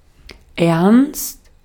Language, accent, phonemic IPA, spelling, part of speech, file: German, Austria, /ɛʁnst/, ernst, adjective, De-at-ernst.ogg
- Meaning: serious, severe, grave